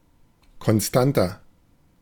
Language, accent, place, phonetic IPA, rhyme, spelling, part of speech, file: German, Germany, Berlin, [kɔnˈstantɐ], -antɐ, konstanter, adjective, De-konstanter.ogg
- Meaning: 1. comparative degree of konstant 2. inflection of konstant: strong/mixed nominative masculine singular 3. inflection of konstant: strong genitive/dative feminine singular